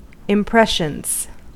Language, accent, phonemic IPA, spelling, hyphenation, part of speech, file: English, US, /ɪmˈpɹɛʃənz/, impressions, im‧pres‧sions, noun / verb, En-us-impressions.ogg
- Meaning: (noun) plural of impression; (verb) third-person singular simple present indicative of impression